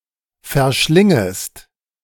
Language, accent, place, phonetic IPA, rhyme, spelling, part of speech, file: German, Germany, Berlin, [fɛɐ̯ˈʃlɪŋəst], -ɪŋəst, verschlingest, verb, De-verschlingest.ogg
- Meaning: second-person singular subjunctive I of verschlingen